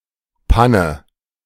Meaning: breakdown
- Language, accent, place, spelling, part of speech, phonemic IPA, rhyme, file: German, Germany, Berlin, Panne, noun, /ˈpa.nə/, -anə, De-Panne.ogg